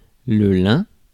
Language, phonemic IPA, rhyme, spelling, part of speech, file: French, /lɛ̃/, -ɛ̃, lin, noun, Fr-lin.ogg
- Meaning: 1. linen 2. flax (the plant)